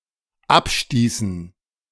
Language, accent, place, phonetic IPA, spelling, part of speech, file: German, Germany, Berlin, [ˈapˌʃtiːsn̩], abstießen, verb, De-abstießen.ogg
- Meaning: inflection of abstoßen: 1. first/third-person plural dependent preterite 2. first/third-person plural dependent subjunctive II